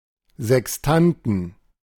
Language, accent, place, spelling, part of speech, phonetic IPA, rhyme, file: German, Germany, Berlin, Sextanten, noun, [zɛksˈtantn̩], -antn̩, De-Sextanten.ogg
- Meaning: 1. genitive singular of Sextant 2. plural of Sextant